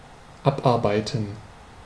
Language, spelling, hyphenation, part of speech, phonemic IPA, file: German, abarbeiten, ab‧ar‧bei‧ten, verb, /ˈabˌaʁbaɪ̯tən/, De-abarbeiten.ogg
- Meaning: 1. to work off (a debt, the items on a to-do list, etc); to resolve or take care of something by working 2. to work hard, to slave away